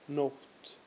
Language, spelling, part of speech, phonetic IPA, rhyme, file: Icelandic, nótt, noun, [ˈnouht], -ouht, Is-nótt.ogg
- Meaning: night